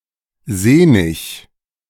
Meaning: 1. sinewy; stringy (full of long fibres and hence difficult to chew) 2. wiry (thin and slender, but tough, such that one can see sinews and muscle fibres under the skin)
- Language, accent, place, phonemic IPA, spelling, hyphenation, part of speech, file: German, Germany, Berlin, /ˈzeːnɪç/, sehnig, seh‧nig, adjective, De-sehnig.ogg